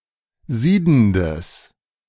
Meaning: strong/mixed nominative/accusative neuter singular of siedend
- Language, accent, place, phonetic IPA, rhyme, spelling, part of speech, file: German, Germany, Berlin, [ˈziːdn̩dəs], -iːdn̩dəs, siedendes, adjective, De-siedendes.ogg